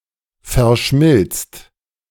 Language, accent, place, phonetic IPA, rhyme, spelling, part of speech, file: German, Germany, Berlin, [fɛɐ̯ˈʃmɪlt͡st], -ɪlt͡st, verschmilzt, verb, De-verschmilzt.ogg
- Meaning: second/third-person singular present of verschmelzen